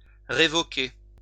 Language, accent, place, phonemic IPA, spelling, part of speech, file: French, France, Lyon, /ʁe.vɔ.ke/, révoquer, verb, LL-Q150 (fra)-révoquer.wav
- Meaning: to revoke; to remove; to take away